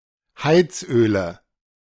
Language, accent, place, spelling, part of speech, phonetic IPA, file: German, Germany, Berlin, Heizöle, noun, [ˈhaɪ̯t͡sˌʔøːlə], De-Heizöle.ogg
- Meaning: nominative/accusative/genitive plural of Heizöl